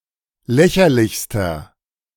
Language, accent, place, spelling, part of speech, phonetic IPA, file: German, Germany, Berlin, lächerlichster, adjective, [ˈlɛçɐlɪçstɐ], De-lächerlichster.ogg
- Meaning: inflection of lächerlich: 1. strong/mixed nominative masculine singular superlative degree 2. strong genitive/dative feminine singular superlative degree 3. strong genitive plural superlative degree